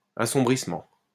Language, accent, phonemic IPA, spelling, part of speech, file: French, France, /a.sɔ̃.bʁis.mɑ̃/, assombrissement, noun, LL-Q150 (fra)-assombrissement.wav
- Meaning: 1. darkening 2. obfuscation